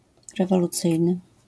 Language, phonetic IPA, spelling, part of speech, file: Polish, [ˌrɛvɔluˈt͡sɨjnɨ], rewolucyjny, adjective, LL-Q809 (pol)-rewolucyjny.wav